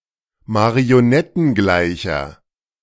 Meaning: inflection of marionettengleich: 1. strong/mixed nominative masculine singular 2. strong genitive/dative feminine singular 3. strong genitive plural
- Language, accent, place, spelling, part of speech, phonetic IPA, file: German, Germany, Berlin, marionettengleicher, adjective, [maʁioˈnɛtn̩ˌɡlaɪ̯çɐ], De-marionettengleicher.ogg